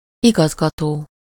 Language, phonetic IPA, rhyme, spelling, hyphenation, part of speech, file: Hungarian, [ˈiɡɒzɡɒtoː], -toː, igazgató, igaz‧ga‧tó, verb / noun, Hu-igazgató.ogg
- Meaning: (verb) present participle of igazgat; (noun) director (supervisor, manager), principal (of a school)